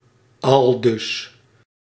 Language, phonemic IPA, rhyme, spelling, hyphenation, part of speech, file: Dutch, /ɑlˈdʏs/, -ʏs, aldus, al‧dus, adverb, Nl-aldus.ogg
- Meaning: 1. thus, so 2. thus said (someone), according to (someone), quoth